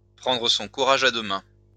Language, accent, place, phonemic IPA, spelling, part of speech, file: French, France, Lyon, /pʁɑ̃.dʁə sɔ̃ ku.ʁa.ʒ‿a dø mɛ̃/, prendre son courage à deux mains, verb, LL-Q150 (fra)-prendre son courage à deux mains.wav
- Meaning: to pluck up one's courage, to gather up one's courage, to man up